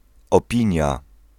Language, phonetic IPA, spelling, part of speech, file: Polish, [ɔˈpʲĩɲja], opinia, noun, Pl-opinia.ogg